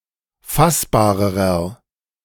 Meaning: inflection of fassbar: 1. strong/mixed nominative masculine singular comparative degree 2. strong genitive/dative feminine singular comparative degree 3. strong genitive plural comparative degree
- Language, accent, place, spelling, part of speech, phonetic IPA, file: German, Germany, Berlin, fassbarerer, adjective, [ˈfasbaːʁəʁɐ], De-fassbarerer.ogg